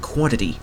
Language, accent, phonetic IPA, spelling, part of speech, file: English, Canada, [ˈkwɑnɾəɾi], quantity, noun, En-ca-quantity.ogg
- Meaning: A fundamental, generic term used when referring to the measurement (count, amount) of a scalar, vector, number of items or to some other way of denominating the value of a collection or group of items